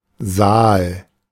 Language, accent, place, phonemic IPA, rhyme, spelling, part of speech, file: German, Germany, Berlin, /zaːl/, -aːl, Saal, noun, De-Saal.ogg
- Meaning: hall or large room (chiefly for gatherings or performances by large groups of people)